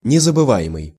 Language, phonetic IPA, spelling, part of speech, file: Russian, [nʲɪzəbɨˈva(j)ɪmɨj], незабываемый, adjective, Ru-незабываемый.ogg
- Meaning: unforgettable